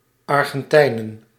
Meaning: plural of Argentijn
- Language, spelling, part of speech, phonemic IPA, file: Dutch, Argentijnen, noun, /ˌɑrɣə(n)ˈtɛinə(n)/, Nl-Argentijnen.ogg